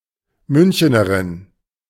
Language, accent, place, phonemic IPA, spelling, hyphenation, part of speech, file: German, Germany, Berlin, /ˈmʏnçənɐʁɪn/, Münchenerin, Mün‧che‧ne‧rin, noun, De-Münchenerin.ogg
- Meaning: female equivalent of Münchener